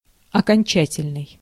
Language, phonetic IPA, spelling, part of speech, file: Russian, [ɐkɐnʲˈt͡ɕætʲɪlʲnɨj], окончательный, adjective, Ru-окончательный.ogg
- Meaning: 1. final, ultimate; definitive 2. inflectional